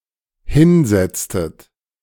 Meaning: inflection of hinsetzen: 1. second-person plural dependent preterite 2. second-person plural dependent subjunctive II
- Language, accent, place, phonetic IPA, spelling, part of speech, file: German, Germany, Berlin, [ˈhɪnˌzɛt͡stət], hinsetztet, verb, De-hinsetztet.ogg